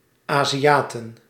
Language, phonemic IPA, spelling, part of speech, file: Dutch, /ˌaːziˈjaːtə(n)/, Aziaten, noun, Nl-Aziaten.ogg
- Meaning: plural of Aziaat